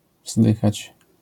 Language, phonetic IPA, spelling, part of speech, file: Polish, [ˈvzdɨxat͡ɕ], wzdychać, verb, LL-Q809 (pol)-wzdychać.wav